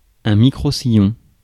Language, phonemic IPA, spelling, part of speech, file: French, /mi.kʁo.si.jɔ̃/, microsillon, noun, Fr-microsillon.ogg
- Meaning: 1. microgroove 2. long-playing record